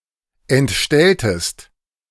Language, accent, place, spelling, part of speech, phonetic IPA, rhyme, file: German, Germany, Berlin, entstelltest, verb, [ɛntˈʃtɛltəst], -ɛltəst, De-entstelltest.ogg
- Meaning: inflection of entstellen: 1. second-person singular preterite 2. second-person singular subjunctive II